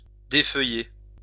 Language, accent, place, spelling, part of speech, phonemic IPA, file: French, France, Lyon, défeuiller, verb, /de.fœ.je/, LL-Q150 (fra)-défeuiller.wav
- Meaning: to defoliate, lose leaves